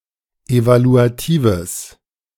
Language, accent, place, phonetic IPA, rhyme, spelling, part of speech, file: German, Germany, Berlin, [ˌevaluaˈtiːvəs], -iːvəs, evaluatives, adjective, De-evaluatives.ogg
- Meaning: strong/mixed nominative/accusative neuter singular of evaluativ